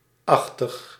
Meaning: -like, -ish
- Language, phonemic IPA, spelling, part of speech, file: Dutch, /ˈɑx.təx/, -achtig, suffix, Nl--achtig.ogg